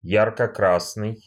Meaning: bright red, ruddy, vermilion
- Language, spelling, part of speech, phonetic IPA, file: Russian, ярко-красный, adjective, [ˌjarkə ˈkrasnɨj], Ru-ярко-красный.ogg